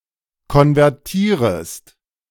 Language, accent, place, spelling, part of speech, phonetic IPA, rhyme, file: German, Germany, Berlin, konvertierest, verb, [kɔnvɛʁˈtiːʁəst], -iːʁəst, De-konvertierest.ogg
- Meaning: second-person singular subjunctive I of konvertieren